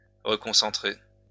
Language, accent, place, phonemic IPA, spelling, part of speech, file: French, France, Lyon, /ʁə.kɔ̃.sɑ̃.tʁe/, reconcentrer, verb, LL-Q150 (fra)-reconcentrer.wav
- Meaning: to reconcentrate